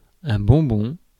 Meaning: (noun) sweet, candy; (adverb) expensive
- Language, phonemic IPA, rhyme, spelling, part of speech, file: French, /bɔ̃.bɔ̃/, -ɔ̃, bonbon, noun / adverb, Fr-bonbon.ogg